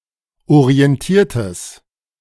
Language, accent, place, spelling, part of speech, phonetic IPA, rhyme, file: German, Germany, Berlin, orientiertes, adjective, [oʁiɛnˈtiːɐ̯təs], -iːɐ̯təs, De-orientiertes.ogg
- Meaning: strong/mixed nominative/accusative neuter singular of orientiert